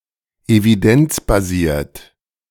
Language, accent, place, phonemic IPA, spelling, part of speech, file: German, Germany, Berlin, /eviˈdɛnt͡s.baˌziːɐ̯t/, evidenzbasiert, adjective, De-evidenzbasiert.ogg
- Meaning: evidence-based